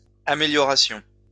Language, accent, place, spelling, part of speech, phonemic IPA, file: French, France, Lyon, améliorations, noun, /a.me.ljɔ.ʁa.sjɔ̃/, LL-Q150 (fra)-améliorations.wav
- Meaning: plural of amélioration